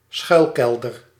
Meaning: a bomb shelter
- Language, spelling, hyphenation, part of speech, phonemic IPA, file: Dutch, schuilkelder, schuil‧kel‧der, noun, /ˈsxœy̯lˌkɛl.dər/, Nl-schuilkelder.ogg